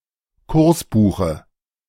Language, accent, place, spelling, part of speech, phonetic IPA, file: German, Germany, Berlin, Kursbuche, noun, [ˈkʊʁsˌbuːxə], De-Kursbuche.ogg
- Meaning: dative singular of Kursbuch